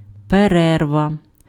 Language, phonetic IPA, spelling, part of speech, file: Ukrainian, [peˈrɛrʋɐ], перерва, noun, Uk-перерва.ogg
- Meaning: interruption, pause, break, interval, intermission, recess (temporary cessation of activity)